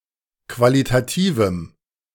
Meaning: strong dative masculine/neuter singular of qualitativ
- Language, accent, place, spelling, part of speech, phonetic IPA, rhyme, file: German, Germany, Berlin, qualitativem, adjective, [ˌkvalitaˈtiːvm̩], -iːvm̩, De-qualitativem.ogg